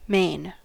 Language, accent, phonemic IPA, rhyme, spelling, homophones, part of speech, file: English, General American, /meɪn/, -eɪn, main, mane / Maine, adjective / adverb / verb / noun, En-us-main.ogg
- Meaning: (adjective) 1. Of chief or leading importance; prime, principal 2. Chief, most important, or principal in extent, size, or strength; consisting of the largest part 3. Full, sheer, undivided